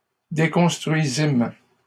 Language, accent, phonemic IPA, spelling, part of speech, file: French, Canada, /de.kɔ̃s.tʁɥi.zim/, déconstruisîmes, verb, LL-Q150 (fra)-déconstruisîmes.wav
- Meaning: first-person plural past historic of déconstruire